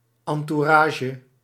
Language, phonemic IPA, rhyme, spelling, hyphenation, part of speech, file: Dutch, /ˌɑn.tuˈraː.ʒə/, -aːʒə, entourage, en‧tou‧ra‧ge, noun, Nl-entourage.ogg
- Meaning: 1. entourage (retinue of associates or attendants) 2. decoration surrounding something